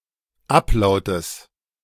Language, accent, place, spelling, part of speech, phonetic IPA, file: German, Germany, Berlin, Ablautes, noun, [ˈapˌlaʊ̯təs], De-Ablautes.ogg
- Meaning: genitive singular of Ablaut